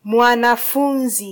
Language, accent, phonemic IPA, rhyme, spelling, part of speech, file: Swahili, Kenya, /mʷɑ.nɑˈfu.ⁿzi/, -uⁿzi, mwanafunzi, noun, Sw-ke-mwanafunzi.flac
- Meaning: 1. student, pupil (person who studies) 2. disciple (active follower of someone)